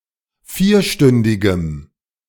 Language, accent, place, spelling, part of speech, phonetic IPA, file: German, Germany, Berlin, vierstündigem, adjective, [ˈfiːɐ̯ˌʃtʏndɪɡəm], De-vierstündigem.ogg
- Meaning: strong dative masculine/neuter singular of vierstündig